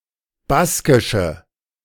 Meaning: definite of Baskisch
- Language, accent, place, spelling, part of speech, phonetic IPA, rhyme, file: German, Germany, Berlin, Baskische, noun, [ˈbaskɪʃə], -askɪʃə, De-Baskische.ogg